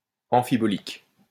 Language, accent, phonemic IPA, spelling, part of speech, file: French, France, /ɑ̃.fi.bɔ.lik/, amphibolique, adjective, LL-Q150 (fra)-amphibolique.wav
- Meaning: amphibolic (all senses)